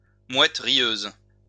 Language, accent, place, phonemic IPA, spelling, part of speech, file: French, France, Lyon, /mwɛt ʁjøz/, mouette rieuse, noun, LL-Q150 (fra)-mouette rieuse.wav
- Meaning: black-headed gull